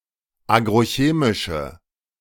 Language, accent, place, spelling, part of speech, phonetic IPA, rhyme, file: German, Germany, Berlin, agrochemische, adjective, [ˌaːɡʁoˈçeːmɪʃə], -eːmɪʃə, De-agrochemische.ogg
- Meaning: inflection of agrochemisch: 1. strong/mixed nominative/accusative feminine singular 2. strong nominative/accusative plural 3. weak nominative all-gender singular